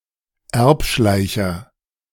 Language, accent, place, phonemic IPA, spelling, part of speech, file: German, Germany, Berlin, /ˈɛʁpˌʃlaɪ̯çɐ/, Erbschleicher, noun, De-Erbschleicher.ogg
- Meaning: legacy hunter